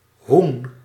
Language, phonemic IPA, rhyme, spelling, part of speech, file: Dutch, /ɦun/, -un, hoen, noun, Nl-hoen.ogg
- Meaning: 1. a fowl, a gallinaceous bird 2. the domestic chicken, genus Gallus 3. the partridge